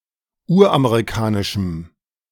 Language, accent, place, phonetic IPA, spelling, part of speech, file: German, Germany, Berlin, [ˈuːɐ̯ʔameʁiˌkaːnɪʃm̩], uramerikanischem, adjective, De-uramerikanischem.ogg
- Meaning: strong dative masculine/neuter singular of uramerikanisch